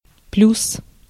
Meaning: 1. plus sign 2. plus 3. advantage
- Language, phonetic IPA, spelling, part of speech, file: Russian, [plʲus], плюс, noun, Ru-плюс.ogg